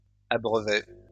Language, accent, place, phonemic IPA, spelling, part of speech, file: French, France, Lyon, /a.bʁœ.vʁɛ/, abreuverait, verb, LL-Q150 (fra)-abreuverait.wav
- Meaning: third-person singular conditional of abreuver